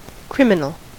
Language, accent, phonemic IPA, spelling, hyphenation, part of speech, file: English, US, /ˈkɹɪm.ɪ.nəl/, criminal, crim‧i‧nal, adjective / noun, En-us-criminal.ogg
- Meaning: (adjective) 1. Against the law; forbidden by law 2. Guilty of breaking the law 3. Of or relating to crime or penal law 4. Abhorrent or very undesirable